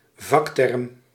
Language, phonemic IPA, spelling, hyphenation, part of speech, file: Dutch, /ˈvɑk.tɛrm/, vakterm, vak‧term, noun, Nl-vakterm.ogg
- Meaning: technical term, a specialist term used in jargon